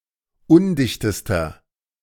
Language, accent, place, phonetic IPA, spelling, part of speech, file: German, Germany, Berlin, [ˈʊndɪçtəstɐ], undichtester, adjective, De-undichtester.ogg
- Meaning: inflection of undicht: 1. strong/mixed nominative masculine singular superlative degree 2. strong genitive/dative feminine singular superlative degree 3. strong genitive plural superlative degree